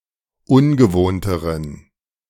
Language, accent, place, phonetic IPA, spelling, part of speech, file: German, Germany, Berlin, [ˈʊnɡəˌvoːntəʁən], ungewohnteren, adjective, De-ungewohnteren.ogg
- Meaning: inflection of ungewohnt: 1. strong genitive masculine/neuter singular comparative degree 2. weak/mixed genitive/dative all-gender singular comparative degree